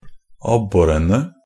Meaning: definite plural of abbor
- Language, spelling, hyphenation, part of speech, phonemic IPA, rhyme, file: Norwegian Bokmål, abborene, ab‧bo‧re‧ne, noun, /ˈabːɔrənə/, -ənə, NB - Pronunciation of Norwegian Bokmål «abborene».ogg